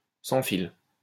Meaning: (adjective) wireless
- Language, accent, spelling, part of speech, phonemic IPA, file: French, France, sans fil, adjective / noun, /sɑ̃ fil/, LL-Q150 (fra)-sans fil.wav